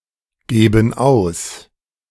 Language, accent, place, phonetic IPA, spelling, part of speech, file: German, Germany, Berlin, [ˌɡeːbn̩ ˈaʊ̯s], geben aus, verb, De-geben aus.ogg
- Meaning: inflection of ausgeben: 1. first/third-person plural present 2. first/third-person plural subjunctive I